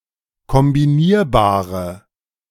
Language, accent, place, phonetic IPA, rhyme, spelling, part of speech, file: German, Germany, Berlin, [kɔmbiˈniːɐ̯baːʁə], -iːɐ̯baːʁə, kombinierbare, adjective, De-kombinierbare.ogg
- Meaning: inflection of kombinierbar: 1. strong/mixed nominative/accusative feminine singular 2. strong nominative/accusative plural 3. weak nominative all-gender singular